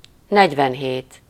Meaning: forty-seven
- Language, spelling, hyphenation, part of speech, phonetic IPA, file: Hungarian, negyvenhét, negy‧ven‧hét, numeral, [ˈnɛɟvɛnɦeːt], Hu-negyvenhét.ogg